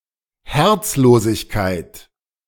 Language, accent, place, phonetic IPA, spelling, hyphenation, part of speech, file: German, Germany, Berlin, [ˈhɛʁt͡sloːsɪçkaɪ̯t], Herzlosigkeit, Herz‧lo‧sig‧keit, noun, De-Herzlosigkeit.ogg
- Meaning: 1. heartlessness 2. acardia